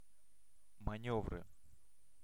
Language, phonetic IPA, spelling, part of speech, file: Russian, [mɐˈnʲɵvrɨ], манёвры, noun, Ru-манёвры.ogg
- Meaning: nominative/accusative plural of манёвр (manjóvr)